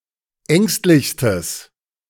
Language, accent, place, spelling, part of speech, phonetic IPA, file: German, Germany, Berlin, ängstlichstes, adjective, [ˈɛŋstlɪçstəs], De-ängstlichstes.ogg
- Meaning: strong/mixed nominative/accusative neuter singular superlative degree of ängstlich